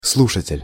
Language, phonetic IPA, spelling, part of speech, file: Russian, [ˈsɫuʂətʲɪlʲ], слушатель, noun, Ru-слушатель.ogg
- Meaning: 1. listener, hearer, audience (someone who listens) 2. student